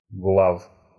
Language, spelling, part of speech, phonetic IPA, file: Russian, глав, noun, [ɡɫaf], Ru-глав.ogg
- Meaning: inflection of глава́ (glavá): 1. genitive plural 2. animate accusative plural